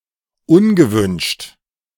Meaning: 1. unwanted 2. unasked-for
- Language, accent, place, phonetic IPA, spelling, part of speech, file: German, Germany, Berlin, [ˈʊnɡəˌvʏnʃt], ungewünscht, adjective, De-ungewünscht.ogg